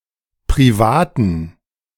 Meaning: inflection of privat: 1. strong genitive masculine/neuter singular 2. weak/mixed genitive/dative all-gender singular 3. strong/weak/mixed accusative masculine singular 4. strong dative plural
- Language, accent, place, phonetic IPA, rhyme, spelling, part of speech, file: German, Germany, Berlin, [pʁiˈvaːtn̩], -aːtn̩, privaten, adjective, De-privaten.ogg